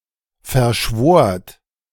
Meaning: second-person plural preterite of verschwören
- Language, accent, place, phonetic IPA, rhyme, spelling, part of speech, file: German, Germany, Berlin, [fɛɐ̯ˈʃvoːɐ̯t], -oːɐ̯t, verschwort, verb, De-verschwort.ogg